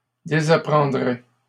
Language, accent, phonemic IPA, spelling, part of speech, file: French, Canada, /de.za.pʁɑ̃.dʁɛ/, désapprendrais, verb, LL-Q150 (fra)-désapprendrais.wav
- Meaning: first/second-person singular conditional of désapprendre